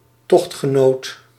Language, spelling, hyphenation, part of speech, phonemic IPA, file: Dutch, tochtgenoot, tocht‧ge‧noot, noun, /ˈtɔxt.xəˌnoːt/, Nl-tochtgenoot.ogg
- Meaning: a travel companion, who shares one's company on a journey